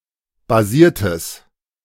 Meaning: strong/mixed nominative/accusative neuter singular of basiert
- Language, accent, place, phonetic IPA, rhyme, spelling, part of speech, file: German, Germany, Berlin, [baˈziːɐ̯təs], -iːɐ̯təs, basiertes, adjective, De-basiertes.ogg